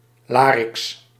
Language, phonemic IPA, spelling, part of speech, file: Dutch, /ˈlarɪks/, lariks, noun, Nl-lariks.ogg
- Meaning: larch (Larix)